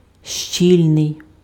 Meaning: 1. dense 2. compact
- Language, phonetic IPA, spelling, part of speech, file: Ukrainian, [ˈʃt͡ʃʲilʲnei̯], щільний, adjective, Uk-щільний.ogg